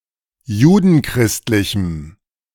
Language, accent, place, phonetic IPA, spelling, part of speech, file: German, Germany, Berlin, [ˈjuːdn̩ˌkʁɪstlɪçm̩], judenchristlichem, adjective, De-judenchristlichem.ogg
- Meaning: strong dative masculine/neuter singular of judenchristlich